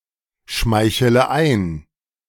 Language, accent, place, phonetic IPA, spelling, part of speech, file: German, Germany, Berlin, [ˌʃmaɪ̯çələ ˈaɪ̯n], schmeichele ein, verb, De-schmeichele ein.ogg
- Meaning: inflection of einschmeicheln: 1. first-person singular present 2. first/third-person singular subjunctive I 3. singular imperative